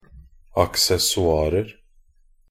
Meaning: indefinite plural of accessoir
- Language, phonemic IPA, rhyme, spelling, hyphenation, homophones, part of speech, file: Norwegian Bokmål, /aksɛsɔˈɑːrər/, -ər, accessoirer, ac‧ces‧so‧ir‧er, aksessoarer, noun, Nb-accessoirer.ogg